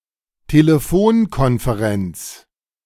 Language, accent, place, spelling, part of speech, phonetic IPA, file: German, Germany, Berlin, Telefonkonferenz, noun, [teleˈfoːnkɔnfeˌʁɛnt͡s], De-Telefonkonferenz.ogg
- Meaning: conference call, telephone conference